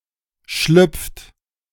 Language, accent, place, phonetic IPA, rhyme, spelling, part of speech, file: German, Germany, Berlin, [ʃlʏp͡ft], -ʏp͡ft, schlüpft, verb, De-schlüpft.ogg
- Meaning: inflection of schlüpfen: 1. third-person singular present 2. second-person plural present 3. plural imperative